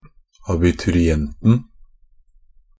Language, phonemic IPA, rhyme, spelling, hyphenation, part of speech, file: Norwegian Bokmål, /abɪtʉrɪˈɛntn̩/, -ɛntn̩, abiturienten, a‧bi‧tu‧ri‧ent‧en, noun, NB - Pronunciation of Norwegian Bokmål «abiturienten».ogg
- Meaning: definite singular of abiturient